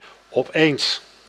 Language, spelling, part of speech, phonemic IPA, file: Dutch, opeens, adverb, /ɔˈpens/, Nl-opeens.ogg
- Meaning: suddenly, all of a sudden